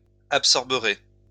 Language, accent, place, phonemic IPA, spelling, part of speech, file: French, France, Lyon, /ap.sɔʁ.bə.ʁe/, absorberez, verb, LL-Q150 (fra)-absorberez.wav
- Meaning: second-person plural future of absorber